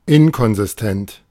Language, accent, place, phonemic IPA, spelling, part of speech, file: German, Germany, Berlin, /ˈɪnkɔnzɪstɛnt/, inkonsistent, adjective, De-inkonsistent.ogg
- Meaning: inconsistent